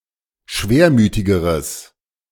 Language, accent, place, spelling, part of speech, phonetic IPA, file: German, Germany, Berlin, schwermütigeres, adjective, [ˈʃveːɐ̯ˌmyːtɪɡəʁəs], De-schwermütigeres.ogg
- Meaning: strong/mixed nominative/accusative neuter singular comparative degree of schwermütig